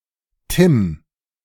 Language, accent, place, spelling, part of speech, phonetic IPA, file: German, Germany, Berlin, Tim, proper noun, [tɪm], De-Tim.ogg
- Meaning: 1. a male given name, popular in the 2000's 2. Tintin